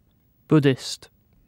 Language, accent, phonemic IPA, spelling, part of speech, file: English, UK, /ˈbʊdɪst/, Buddhist, adjective / noun, En-uk-buddhist.ogg
- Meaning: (adjective) Of, relating to, or practicing Buddhism; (noun) 1. A practitioner of the religion and philosophy of Buddhism 2. A follower of the Indian religious and spiritual teacher, Buddha